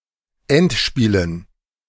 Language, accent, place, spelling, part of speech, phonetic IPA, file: German, Germany, Berlin, Endspielen, noun, [ˈɛntˌʃpiːlən], De-Endspielen.ogg
- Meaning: dative plural of Endspiel